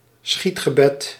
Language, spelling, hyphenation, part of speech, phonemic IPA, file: Dutch, schietgebed, schiet‧ge‧bed, noun, /ˈsxit.xəˌbɛt/, Nl-schietgebed.ogg
- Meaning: a jaculatory prayer, a hurried prayer said in life-threatening circumstances